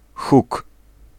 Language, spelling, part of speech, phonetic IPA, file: Polish, huk, noun, [xuk], Pl-huk.ogg